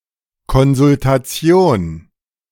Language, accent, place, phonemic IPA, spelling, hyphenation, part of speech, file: German, Germany, Berlin, /kɔnzʊltaˈt͡si̯oːn/, Konsultation, Kon‧sul‧ta‧tion, noun, De-Konsultation.ogg
- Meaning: consultation